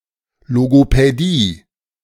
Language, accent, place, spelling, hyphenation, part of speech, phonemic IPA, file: German, Germany, Berlin, Logopädie, Lo‧go‧pä‧die, noun, /loɡopɛˈdiː/, De-Logopädie.ogg
- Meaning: speech therapy